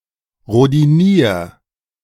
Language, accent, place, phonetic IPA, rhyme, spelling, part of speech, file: German, Germany, Berlin, [ʁodiˈniːɐ̯], -iːɐ̯, rhodinier, verb, De-rhodinier.ogg
- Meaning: 1. singular imperative of rhodinieren 2. first-person singular present of rhodinieren